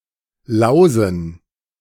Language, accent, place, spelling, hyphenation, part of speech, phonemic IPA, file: German, Germany, Berlin, lausen, lau‧sen, verb, /ˈlaʊ̯zn̩/, De-lausen.ogg
- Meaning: to louse